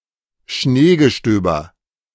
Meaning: flurry of snow
- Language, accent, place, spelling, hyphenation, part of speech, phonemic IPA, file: German, Germany, Berlin, Schneegestöber, Schnee‧ge‧stö‧ber, noun, /ˈʃneːɡəˌʃtøːbɐ/, De-Schneegestöber.ogg